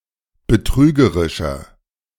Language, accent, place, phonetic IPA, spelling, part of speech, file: German, Germany, Berlin, [bəˈtʁyːɡəʁɪʃɐ], betrügerischer, adjective, De-betrügerischer.ogg
- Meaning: 1. comparative degree of betrügerisch 2. inflection of betrügerisch: strong/mixed nominative masculine singular 3. inflection of betrügerisch: strong genitive/dative feminine singular